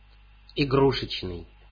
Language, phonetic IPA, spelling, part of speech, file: Russian, [ɪˈɡruʂɨt͡ɕnɨj], игрушечный, adjective, Ru-игрушечный.ogg
- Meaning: 1. toy 2. toy (not real) 3. miniature